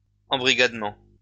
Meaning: recruitment
- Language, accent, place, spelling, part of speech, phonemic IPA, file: French, France, Lyon, embrigadement, noun, /ɑ̃.bʁi.ɡad.mɑ̃/, LL-Q150 (fra)-embrigadement.wav